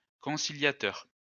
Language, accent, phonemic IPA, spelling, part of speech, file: French, France, /kɔ̃.si.lja.tœʁ/, conciliateur, noun / adjective, LL-Q150 (fra)-conciliateur.wav
- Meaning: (noun) conciliator, mediator, go-between; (adjective) conciliatory